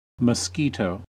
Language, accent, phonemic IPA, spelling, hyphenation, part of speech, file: English, US, /məsˈki.toʊ/, mosquito, mos‧qui‧to, noun / verb, En-us-mosquito.ogg